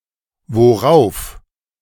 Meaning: whereupon; upon which; on which; to which; at which; above which; upon
- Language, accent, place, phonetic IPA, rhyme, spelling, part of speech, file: German, Germany, Berlin, [voˈʁaʊ̯f], -aʊ̯f, worauf, adverb, De-worauf.ogg